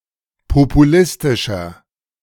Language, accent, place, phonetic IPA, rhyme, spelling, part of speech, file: German, Germany, Berlin, [popuˈlɪstɪʃɐ], -ɪstɪʃɐ, populistischer, adjective, De-populistischer.ogg
- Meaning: 1. comparative degree of populistisch 2. inflection of populistisch: strong/mixed nominative masculine singular 3. inflection of populistisch: strong genitive/dative feminine singular